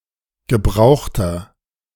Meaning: inflection of gebraucht: 1. strong/mixed nominative masculine singular 2. strong genitive/dative feminine singular 3. strong genitive plural
- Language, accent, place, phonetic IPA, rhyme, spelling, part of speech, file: German, Germany, Berlin, [ɡəˈbʁaʊ̯xtɐ], -aʊ̯xtɐ, gebrauchter, adjective, De-gebrauchter.ogg